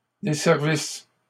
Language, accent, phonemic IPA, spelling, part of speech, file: French, Canada, /de.sɛʁ.vis/, desservisses, verb, LL-Q150 (fra)-desservisses.wav
- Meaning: second-person singular imperfect subjunctive of desservir